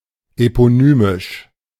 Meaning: eponymous
- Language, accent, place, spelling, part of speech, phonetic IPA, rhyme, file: German, Germany, Berlin, eponymisch, adjective, [epoˈnyːmɪʃ], -yːmɪʃ, De-eponymisch.ogg